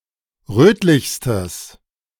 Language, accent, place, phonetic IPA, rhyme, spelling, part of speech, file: German, Germany, Berlin, [ˈʁøːtlɪçstəs], -øːtlɪçstəs, rötlichstes, adjective, De-rötlichstes.ogg
- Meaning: strong/mixed nominative/accusative neuter singular superlative degree of rötlich